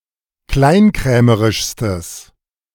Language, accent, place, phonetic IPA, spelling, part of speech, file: German, Germany, Berlin, [ˈklaɪ̯nˌkʁɛːməʁɪʃstəs], kleinkrämerischstes, adjective, De-kleinkrämerischstes.ogg
- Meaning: strong/mixed nominative/accusative neuter singular superlative degree of kleinkrämerisch